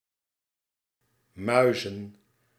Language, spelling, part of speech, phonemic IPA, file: Dutch, muizen, noun / verb, /ˈmœʏ.zə(n)/, Nl-muizen.ogg
- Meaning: plural of muis